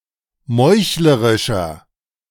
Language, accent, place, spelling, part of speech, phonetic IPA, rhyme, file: German, Germany, Berlin, meuchlerischer, adjective, [ˈmɔɪ̯çləʁɪʃɐ], -ɔɪ̯çləʁɪʃɐ, De-meuchlerischer.ogg
- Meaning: inflection of meuchlerisch: 1. strong/mixed nominative masculine singular 2. strong genitive/dative feminine singular 3. strong genitive plural